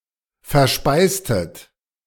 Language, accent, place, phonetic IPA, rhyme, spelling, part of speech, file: German, Germany, Berlin, [fɛɐ̯ˈʃpaɪ̯stət], -aɪ̯stət, verspeistet, verb, De-verspeistet.ogg
- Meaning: inflection of verspeisen: 1. second-person plural preterite 2. second-person plural subjunctive II